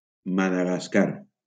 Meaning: Madagascar (an island and country off the east coast of Africa)
- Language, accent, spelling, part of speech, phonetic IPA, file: Catalan, Valencia, Madagascar, proper noun, [ma.ða.ɣasˈkar], LL-Q7026 (cat)-Madagascar.wav